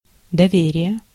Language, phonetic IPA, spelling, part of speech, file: Russian, [dɐˈvʲerʲɪje], доверие, noun, Ru-доверие.ogg
- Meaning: trust (confidence in or reliance on some person or quality)